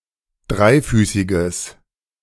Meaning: strong/mixed nominative/accusative neuter singular of dreifüßig
- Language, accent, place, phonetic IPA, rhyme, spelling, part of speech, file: German, Germany, Berlin, [ˈdʁaɪ̯ˌfyːsɪɡəs], -aɪ̯fyːsɪɡəs, dreifüßiges, adjective, De-dreifüßiges.ogg